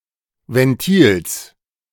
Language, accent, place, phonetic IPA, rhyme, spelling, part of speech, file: German, Germany, Berlin, [vɛnˈtiːls], -iːls, Ventils, noun, De-Ventils.ogg
- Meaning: genitive singular of Ventil